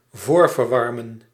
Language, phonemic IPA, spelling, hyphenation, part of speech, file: Dutch, /ˈvoːr.vərˌʋɑr.mə(n)/, voorverwarmen, voor‧ver‧war‧men, verb, Nl-voorverwarmen.ogg
- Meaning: to preheat